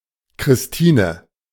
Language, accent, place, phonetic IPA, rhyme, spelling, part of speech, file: German, Germany, Berlin, [kʁɪsˈtiːnə], -iːnə, Christine, proper noun, De-Christine.ogg
- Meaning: a female given name, equivalent to English Christina